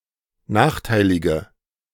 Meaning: inflection of nachteilig: 1. strong/mixed nominative/accusative feminine singular 2. strong nominative/accusative plural 3. weak nominative all-gender singular
- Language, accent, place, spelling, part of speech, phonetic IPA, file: German, Germany, Berlin, nachteilige, adjective, [ˈnaːxˌtaɪ̯lɪɡə], De-nachteilige.ogg